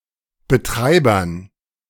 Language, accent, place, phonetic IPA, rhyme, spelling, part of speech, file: German, Germany, Berlin, [bəˈtʁaɪ̯bɐn], -aɪ̯bɐn, Betreibern, noun, De-Betreibern.ogg
- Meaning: dative plural of Betreiber